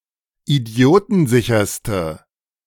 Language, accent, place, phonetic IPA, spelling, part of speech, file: German, Germany, Berlin, [iˈdi̯oːtn̩ˌzɪçɐstə], idiotensicherste, adjective, De-idiotensicherste.ogg
- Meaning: inflection of idiotensicher: 1. strong/mixed nominative/accusative feminine singular superlative degree 2. strong nominative/accusative plural superlative degree